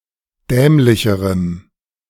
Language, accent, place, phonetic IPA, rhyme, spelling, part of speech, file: German, Germany, Berlin, [ˈdɛːmlɪçəʁəm], -ɛːmlɪçəʁəm, dämlicherem, adjective, De-dämlicherem.ogg
- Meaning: strong dative masculine/neuter singular comparative degree of dämlich